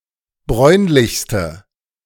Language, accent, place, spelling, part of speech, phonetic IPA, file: German, Germany, Berlin, bräunlichste, adjective, [ˈbʁɔɪ̯nlɪçstə], De-bräunlichste.ogg
- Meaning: inflection of bräunlich: 1. strong/mixed nominative/accusative feminine singular superlative degree 2. strong nominative/accusative plural superlative degree